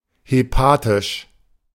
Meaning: hepatic
- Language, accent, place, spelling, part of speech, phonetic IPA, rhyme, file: German, Germany, Berlin, hepatisch, adjective, [heˈpaːtɪʃ], -aːtɪʃ, De-hepatisch.ogg